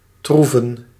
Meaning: to trump
- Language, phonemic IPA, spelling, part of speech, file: Dutch, /ˈtruvə(n)/, troeven, verb, Nl-troeven.ogg